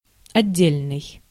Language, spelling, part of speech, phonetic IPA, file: Russian, отдельный, adjective, [ɐˈdʲːelʲnɨj], Ru-отдельный.ogg
- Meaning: 1. separate, independent, detached 2. individual, single